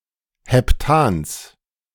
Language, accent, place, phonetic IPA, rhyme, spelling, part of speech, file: German, Germany, Berlin, [hɛpˈtaːns], -aːns, Heptans, noun, De-Heptans.ogg
- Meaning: genitive singular of Heptan